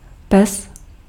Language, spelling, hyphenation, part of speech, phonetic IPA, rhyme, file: Czech, pes, pes, noun, [ˈpɛs], -ɛs, Cs-pes.ogg
- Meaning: 1. dog 2. male dog 3. scoundrel, bad person 4. genitive plural of peso